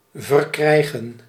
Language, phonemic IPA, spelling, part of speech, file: Dutch, /vərˈkrɛiɣə(n)/, verkrijgen, verb, Nl-verkrijgen.ogg
- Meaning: to obtain, gain, get